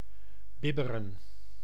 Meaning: to shiver, to tremble
- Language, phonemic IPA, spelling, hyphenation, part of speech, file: Dutch, /ˈbɪbərə(n)/, bibberen, bib‧be‧ren, verb, Nl-bibberen.ogg